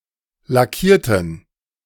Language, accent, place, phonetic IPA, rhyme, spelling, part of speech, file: German, Germany, Berlin, [laˈkiːɐ̯tn̩], -iːɐ̯tn̩, lackierten, adjective / verb, De-lackierten.ogg
- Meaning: inflection of lackieren: 1. first/third-person plural preterite 2. first/third-person plural subjunctive II